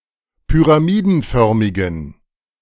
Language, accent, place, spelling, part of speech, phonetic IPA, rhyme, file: German, Germany, Berlin, pyramidenförmigen, adjective, [pyʁaˈmiːdn̩ˌfœʁmɪɡn̩], -iːdn̩fœʁmɪɡn̩, De-pyramidenförmigen.ogg
- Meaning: inflection of pyramidenförmig: 1. strong genitive masculine/neuter singular 2. weak/mixed genitive/dative all-gender singular 3. strong/weak/mixed accusative masculine singular 4. strong dative plural